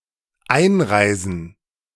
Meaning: 1. gerund of einreisen 2. plural of Einreise
- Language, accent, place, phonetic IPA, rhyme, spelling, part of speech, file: German, Germany, Berlin, [ˈaɪ̯nˌʁaɪ̯zn̩], -aɪ̯nʁaɪ̯zn̩, Einreisen, noun, De-Einreisen.ogg